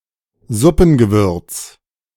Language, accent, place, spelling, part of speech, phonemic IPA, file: German, Germany, Berlin, Suppengewürz, noun, /ˈzʊpn̩.ɡəˌvʏrt͡s/, De-Suppengewürz.ogg
- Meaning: soup spices